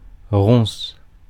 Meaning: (noun) 1. bramble (Rubus fruticosus) 2. trouble, difficulty, problem; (verb) inflection of roncer: first/third-person singular present indicative/subjunctive
- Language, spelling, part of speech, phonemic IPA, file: French, ronce, noun / verb, /ʁɔ̃s/, Fr-ronce.ogg